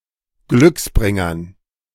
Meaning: dative plural of Glücksbringer
- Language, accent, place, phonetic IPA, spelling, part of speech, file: German, Germany, Berlin, [ˈɡlʏksˌbʁɪŋɐn], Glücksbringern, noun, De-Glücksbringern.ogg